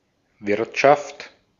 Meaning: 1. economy 2. inn, pub 3. economics (clipping of Wirtschaftswissenschaft) 4. mess
- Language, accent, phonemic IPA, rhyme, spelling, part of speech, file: German, Austria, /ˈvɪʁtʃaft/, -aft, Wirtschaft, noun, De-at-Wirtschaft.ogg